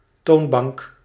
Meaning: counter, a furniture surface on which wares are put and transacted
- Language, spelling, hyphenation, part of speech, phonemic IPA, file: Dutch, toonbank, toon‧bank, noun, /ˈtoːn.bɑŋk/, Nl-toonbank.ogg